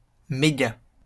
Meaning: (noun) meg (megabyte); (adverb) very
- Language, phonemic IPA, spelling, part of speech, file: French, /me.ɡa/, méga, noun / adverb, LL-Q150 (fra)-méga.wav